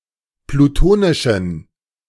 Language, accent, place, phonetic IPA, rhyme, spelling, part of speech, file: German, Germany, Berlin, [pluˈtoːnɪʃn̩], -oːnɪʃn̩, plutonischen, adjective, De-plutonischen.ogg
- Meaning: inflection of plutonisch: 1. strong genitive masculine/neuter singular 2. weak/mixed genitive/dative all-gender singular 3. strong/weak/mixed accusative masculine singular 4. strong dative plural